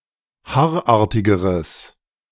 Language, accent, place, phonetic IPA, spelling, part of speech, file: German, Germany, Berlin, [ˈhaːɐ̯ˌʔaːɐ̯tɪɡəʁəs], haarartigeres, adjective, De-haarartigeres.ogg
- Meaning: strong/mixed nominative/accusative neuter singular comparative degree of haarartig